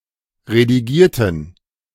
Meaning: inflection of redigieren: 1. first/third-person plural preterite 2. first/third-person plural subjunctive II
- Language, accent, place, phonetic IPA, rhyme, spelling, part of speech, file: German, Germany, Berlin, [ʁediˈɡiːɐ̯tn̩], -iːɐ̯tn̩, redigierten, adjective / verb, De-redigierten.ogg